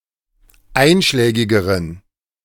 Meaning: inflection of einschlägig: 1. strong genitive masculine/neuter singular comparative degree 2. weak/mixed genitive/dative all-gender singular comparative degree
- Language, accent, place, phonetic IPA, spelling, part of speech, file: German, Germany, Berlin, [ˈaɪ̯nʃlɛːɡɪɡəʁən], einschlägigeren, adjective, De-einschlägigeren.ogg